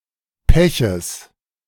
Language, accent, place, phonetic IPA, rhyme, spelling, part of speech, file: German, Germany, Berlin, [ˈpɛçəs], -ɛçəs, Peches, noun, De-Peches.ogg
- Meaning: genitive singular of Pech